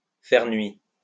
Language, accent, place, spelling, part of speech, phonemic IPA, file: French, France, Lyon, faire nuit, verb, /fɛʁ nɥi/, LL-Q150 (fra)-faire nuit.wav
- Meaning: to be night-time